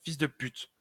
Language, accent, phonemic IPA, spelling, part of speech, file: French, France, /fis də pyt/, fils de pute, noun, LL-Q150 (fra)-fils de pute.wav
- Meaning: 1. son of a prostitute: whoreson, son of a whore 2. objectionable person: son of a bitch, motherfucker, bastard